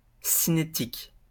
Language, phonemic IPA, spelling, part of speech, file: French, /si.ne.tik/, cinétique, adjective / noun, LL-Q150 (fra)-cinétique.wav
- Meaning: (adjective) motion; kinetic; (noun) kinetics